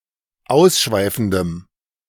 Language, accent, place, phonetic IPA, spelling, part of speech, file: German, Germany, Berlin, [ˈaʊ̯sˌʃvaɪ̯fn̩dəm], ausschweifendem, adjective, De-ausschweifendem.ogg
- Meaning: strong dative masculine/neuter singular of ausschweifend